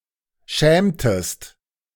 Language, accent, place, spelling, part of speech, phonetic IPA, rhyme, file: German, Germany, Berlin, schämtest, verb, [ˈʃɛːmtəst], -ɛːmtəst, De-schämtest.ogg
- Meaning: inflection of schämen: 1. second-person singular preterite 2. second-person singular subjunctive II